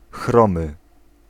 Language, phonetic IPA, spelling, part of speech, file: Polish, [ˈxrɔ̃mɨ], chromy, adjective / noun, Pl-chromy.ogg